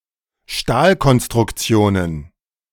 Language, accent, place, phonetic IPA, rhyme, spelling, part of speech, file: German, Germany, Berlin, [ˈʃtaːlkɔnstʁʊkˌt͡si̯oːnən], -aːlkɔnstʁʊkt͡si̯oːnən, Stahlkonstruktionen, noun, De-Stahlkonstruktionen.ogg
- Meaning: plural of Stahlkonstruktion